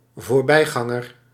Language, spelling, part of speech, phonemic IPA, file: Dutch, voorbijganger, noun, /vorˈbɛiɣɑŋər/, Nl-voorbijganger.ogg
- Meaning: passer-by